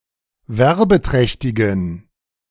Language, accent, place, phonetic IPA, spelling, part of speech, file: German, Germany, Berlin, [ˈvɛʁbəˌtʁɛçtɪɡn̩], werbeträchtigen, adjective, De-werbeträchtigen.ogg
- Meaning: inflection of werbeträchtig: 1. strong genitive masculine/neuter singular 2. weak/mixed genitive/dative all-gender singular 3. strong/weak/mixed accusative masculine singular 4. strong dative plural